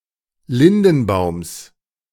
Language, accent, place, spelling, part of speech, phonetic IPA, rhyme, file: German, Germany, Berlin, Lindenbaums, noun, [ˈlɪndn̩ˌbaʊ̯ms], -ɪndn̩baʊ̯ms, De-Lindenbaums.ogg
- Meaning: genitive singular of Lindenbaum